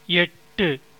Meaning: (numeral) eight; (verb) 1. to extend, reach up to, stretch 2. to come within reach, approach 3. to be attained, realized, gained 4. to be within the mental grasp, within the powers of comprehension
- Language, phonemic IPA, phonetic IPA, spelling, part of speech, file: Tamil, /ɛʈːɯ/, [e̞ʈːɯ], எட்டு, numeral / verb / noun, Ta-எட்டு.ogg